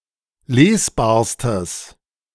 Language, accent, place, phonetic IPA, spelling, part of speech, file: German, Germany, Berlin, [ˈleːsˌbaːɐ̯stəs], lesbarstes, adjective, De-lesbarstes.ogg
- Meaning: strong/mixed nominative/accusative neuter singular superlative degree of lesbar